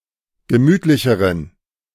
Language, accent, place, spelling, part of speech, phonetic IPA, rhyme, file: German, Germany, Berlin, gemütlicheren, adjective, [ɡəˈmyːtlɪçəʁən], -yːtlɪçəʁən, De-gemütlicheren.ogg
- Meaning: inflection of gemütlich: 1. strong genitive masculine/neuter singular comparative degree 2. weak/mixed genitive/dative all-gender singular comparative degree